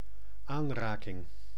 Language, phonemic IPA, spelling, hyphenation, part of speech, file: Dutch, /ˈaːnˌraː.kɪŋ/, aanraking, aan‧ra‧king, noun, Nl-aanraking.ogg
- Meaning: 1. touching 2. contact